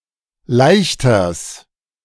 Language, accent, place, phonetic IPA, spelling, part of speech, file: German, Germany, Berlin, [ˈlaɪ̯çtɐs], Leichters, noun, De-Leichters.ogg
- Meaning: genitive singular of Leichter